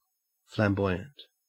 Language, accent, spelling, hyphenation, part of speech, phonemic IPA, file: English, Australia, flamboyant, flam‧boy‧ant, adjective / noun, /flæmˈbɔɪ.(j)ənt/, En-au-flamboyant.ogg
- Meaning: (adjective) 1. Showy, bold or audacious in behaviour, appearance, style, etc.; ostentatious 2. Referring to the final stage of French Gothic architecture from the 14th to the 16th centuries